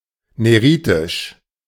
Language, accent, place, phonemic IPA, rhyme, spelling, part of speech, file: German, Germany, Berlin, /ˌneˈʁiːtɪʃ/, -iːtɪʃ, neritisch, adjective, De-neritisch.ogg
- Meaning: neritic